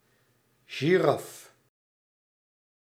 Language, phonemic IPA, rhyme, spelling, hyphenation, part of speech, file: Dutch, /ʒiˈrɑf/, -ɑf, giraf, gi‧raf, noun, Nl-giraf.ogg
- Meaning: a giraffe, mammal of the genus Giraffa